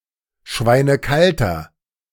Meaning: inflection of schweinekalt: 1. strong/mixed nominative masculine singular 2. strong genitive/dative feminine singular 3. strong genitive plural
- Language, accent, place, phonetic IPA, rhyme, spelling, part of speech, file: German, Germany, Berlin, [ˈʃvaɪ̯nəˈkaltɐ], -altɐ, schweinekalter, adjective, De-schweinekalter.ogg